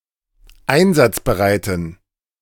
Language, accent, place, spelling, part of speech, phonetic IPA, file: German, Germany, Berlin, einsatzbereiten, adjective, [ˈaɪ̯nzat͡sbəˌʁaɪ̯tn̩], De-einsatzbereiten.ogg
- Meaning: inflection of einsatzbereit: 1. strong genitive masculine/neuter singular 2. weak/mixed genitive/dative all-gender singular 3. strong/weak/mixed accusative masculine singular 4. strong dative plural